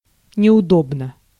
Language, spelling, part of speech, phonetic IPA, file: Russian, неудобно, adverb / adjective, [nʲɪʊˈdobnə], Ru-неудобно.ogg
- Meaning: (adverb) 1. uncomfortably 2. inconveniently 3. uneasily, ill at ease; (adjective) short neuter singular of неудо́бный (neudóbnyj)